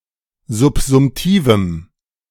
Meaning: strong dative masculine/neuter singular of subsumtiv
- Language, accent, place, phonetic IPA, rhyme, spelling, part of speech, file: German, Germany, Berlin, [zʊpzʊmˈtiːvm̩], -iːvm̩, subsumtivem, adjective, De-subsumtivem.ogg